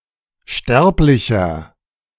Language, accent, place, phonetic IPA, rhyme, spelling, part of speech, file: German, Germany, Berlin, [ˈʃtɛʁplɪçɐ], -ɛʁplɪçɐ, sterblicher, adjective, De-sterblicher.ogg
- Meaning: inflection of sterblich: 1. strong/mixed nominative masculine singular 2. strong genitive/dative feminine singular 3. strong genitive plural